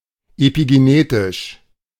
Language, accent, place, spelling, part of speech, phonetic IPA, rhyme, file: German, Germany, Berlin, epigenetisch, adjective, [epiɡeˈneːtɪʃ], -eːtɪʃ, De-epigenetisch.ogg
- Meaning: epigenetic